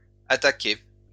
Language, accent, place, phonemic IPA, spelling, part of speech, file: French, France, Lyon, /a.ta.ke/, attaquai, verb, LL-Q150 (fra)-attaquai.wav
- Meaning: first-person singular past historic of attaquer